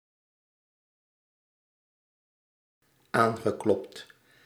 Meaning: past participle of aankloppen
- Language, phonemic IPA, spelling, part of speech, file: Dutch, /ˈaŋɣəˌklɔpt/, aangeklopt, verb, Nl-aangeklopt.ogg